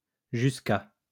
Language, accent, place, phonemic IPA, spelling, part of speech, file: French, France, Lyon, /ʒys.k‿a/, jusqu'à, preposition, LL-Q150 (fra)-jusqu'à.wav
- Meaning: 1. until 2. to (used together with depuis to indicate a time range) 3. up to